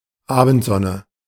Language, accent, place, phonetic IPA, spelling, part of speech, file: German, Germany, Berlin, [ˈaːbn̩tˌzɔnə], Abendsonne, noun, De-Abendsonne.ogg
- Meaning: evening sun, setting sun